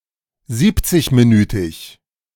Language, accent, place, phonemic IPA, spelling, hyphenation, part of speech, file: German, Germany, Berlin, /ˈziːptsɪçmiˌnyːtɪç/, siebzigminütig, sieb‧zig‧mi‧nü‧tig, adjective, De-siebzigminütig.ogg
- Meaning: seventy-minute